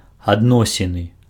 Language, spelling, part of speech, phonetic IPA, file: Belarusian, адносіны, noun, [adˈnosʲinɨ], Be-адносіны.ogg
- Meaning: relationship, terms